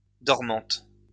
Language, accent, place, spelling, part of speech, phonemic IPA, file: French, France, Lyon, dormante, adjective, /dɔʁ.mɑ̃t/, LL-Q150 (fra)-dormante.wav
- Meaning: feminine singular of dormant